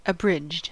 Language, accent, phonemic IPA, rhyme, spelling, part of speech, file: English, US, /əˈbɹɪd͡ʒd/, -ɪdʒd, abridged, adjective / verb, En-us-abridged.ogg
- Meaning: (adjective) Cut or shortened, especially of a literary work; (verb) simple past and past participle of abridge